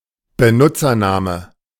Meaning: username
- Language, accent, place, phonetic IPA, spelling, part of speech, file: German, Germany, Berlin, [bəˈnʊt͡sɐˌnaːmə], Benutzername, noun, De-Benutzername.ogg